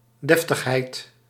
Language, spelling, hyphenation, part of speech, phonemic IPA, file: Dutch, deftigheid, def‧tig‧heid, noun, /ˈdɛf.təxˌɦɛi̯t/, Nl-deftigheid.ogg
- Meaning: poshness, stylishness